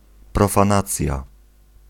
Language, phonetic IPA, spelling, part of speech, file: Polish, [ˌprɔfãˈnat͡sʲja], profanacja, noun, Pl-profanacja.ogg